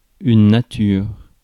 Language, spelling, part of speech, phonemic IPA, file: French, nature, noun / adjective, /na.tyʁ/, Fr-nature.ogg
- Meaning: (noun) 1. nature 2. lexical category; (adjective) 1. plain, unseasoned 2. condomless, bareback, raw dog, natural (see Thesaurus:condomless)